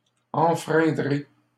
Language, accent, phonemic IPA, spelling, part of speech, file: French, Canada, /ɑ̃.fʁɛ̃.dʁe/, enfreindrez, verb, LL-Q150 (fra)-enfreindrez.wav
- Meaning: second-person plural simple future of enfreindre